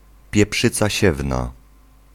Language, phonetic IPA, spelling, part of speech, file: Polish, [pʲjɛˈpʃɨt͡sa ˈɕɛvna], pieprzyca siewna, noun, Pl-pieprzyca siewna.ogg